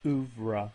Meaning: 1. A work of art, music or literature 2. A substantial or complete corpus of works produced by an artist, composer, or writer
- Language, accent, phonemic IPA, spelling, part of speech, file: English, US, /ˈuːvɹə/, oeuvre, noun, En-us-oeuvre.ogg